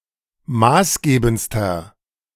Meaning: inflection of maßgebend: 1. strong/mixed nominative masculine singular superlative degree 2. strong genitive/dative feminine singular superlative degree 3. strong genitive plural superlative degree
- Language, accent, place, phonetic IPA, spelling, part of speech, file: German, Germany, Berlin, [ˈmaːsˌɡeːbn̩t͡stɐ], maßgebendster, adjective, De-maßgebendster.ogg